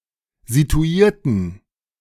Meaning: inflection of situiert: 1. strong genitive masculine/neuter singular 2. weak/mixed genitive/dative all-gender singular 3. strong/weak/mixed accusative masculine singular 4. strong dative plural
- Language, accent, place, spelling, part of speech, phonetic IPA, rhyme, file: German, Germany, Berlin, situierten, adjective / verb, [zituˈiːɐ̯tn̩], -iːɐ̯tn̩, De-situierten.ogg